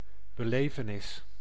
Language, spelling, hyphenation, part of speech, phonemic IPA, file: Dutch, belevenis, be‧le‧ve‧nis, noun, /bəˈleː.vəˌnɪs/, Nl-belevenis.ogg
- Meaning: experience (something that is experienced)